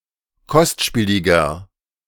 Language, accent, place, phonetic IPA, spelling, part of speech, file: German, Germany, Berlin, [ˈkɔstˌʃpiːlɪɡɐ], kostspieliger, adjective, De-kostspieliger.ogg
- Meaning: 1. comparative degree of kostspielig 2. inflection of kostspielig: strong/mixed nominative masculine singular 3. inflection of kostspielig: strong genitive/dative feminine singular